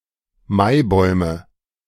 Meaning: nominative/accusative/genitive plural of Maibaum
- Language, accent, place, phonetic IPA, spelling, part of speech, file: German, Germany, Berlin, [ˈmaɪ̯ˌbɔɪ̯mə], Maibäume, noun, De-Maibäume.ogg